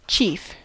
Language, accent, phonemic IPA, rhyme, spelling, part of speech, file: English, US, /t͡ʃiːf/, -iːf, chief, noun / adjective / verb, En-us-chief.ogg
- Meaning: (noun) 1. The leader or head of a tribe, organisation, business unit, or other group 2. Headship, the status of being a chief or leader